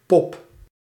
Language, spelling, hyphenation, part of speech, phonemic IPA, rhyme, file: Dutch, pop, pop, noun / verb, /pɔp/, -ɔp, Nl-pop.ogg
- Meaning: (noun) 1. cocoon, pupa 2. doll 3. As a term for a girl or woman 4. a pretty girl or young woman 5. a pretty girl or young woman: a girl or woman who wears a lot of make-up 6. guilder